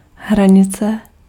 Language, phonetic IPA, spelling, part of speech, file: Czech, [ˈɦraɲɪt͡sɛ], hranice, noun, Cs-hranice.ogg
- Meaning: border, boundary, borderline